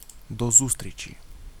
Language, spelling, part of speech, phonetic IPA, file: Ukrainian, до зустрічі, interjection, [dɔ ˈzustʲrʲit͡ʃʲi], Uk-До зустрічі.ogg
- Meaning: goodbye, see you, see you later, until we meet again